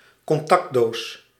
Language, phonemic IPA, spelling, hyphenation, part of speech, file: Dutch, /kɔnˈtɑkˌdoːs/, contactdoos, con‧tact‧doos, noun, Nl-contactdoos.ogg
- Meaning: electrical socket, particularly one that isn't attached to a wall